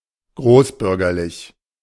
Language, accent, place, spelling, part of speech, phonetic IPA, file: German, Germany, Berlin, großbürgerlich, adjective, [ˈɡʁoːsˌbʏʁɡɐlɪç], De-großbürgerlich.ogg
- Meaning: middle class